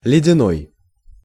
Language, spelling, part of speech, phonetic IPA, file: Russian, ледяной, adjective, [lʲɪdʲɪˈnoj], Ru-ледяной.ogg
- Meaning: 1. ice 2. icy (of a glance, a voice, etc.)